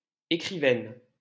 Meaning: female equivalent of écrivain
- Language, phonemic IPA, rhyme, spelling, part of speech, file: French, /e.kʁi.vɛn/, -ɛn, écrivaine, noun, LL-Q150 (fra)-écrivaine.wav